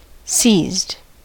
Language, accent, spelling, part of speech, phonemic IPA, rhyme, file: English, US, seized, verb, /siːzd/, -iːzd, En-us-seized.ogg
- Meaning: simple past and past participle of seize